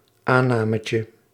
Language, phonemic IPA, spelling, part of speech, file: Dutch, /ˈanɑməcə/, aannametje, noun, Nl-aannametje.ogg
- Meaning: diminutive of aanname